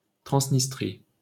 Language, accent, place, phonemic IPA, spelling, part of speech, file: French, France, Paris, /tʁɑ̃s.nis.tʁi/, Transnistrie, proper noun, LL-Q150 (fra)-Transnistrie.wav